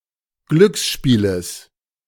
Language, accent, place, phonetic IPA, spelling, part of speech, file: German, Germany, Berlin, [ˈɡlʏksˌʃpiːləs], Glücksspieles, noun, De-Glücksspieles.ogg
- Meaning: genitive singular of Glücksspiel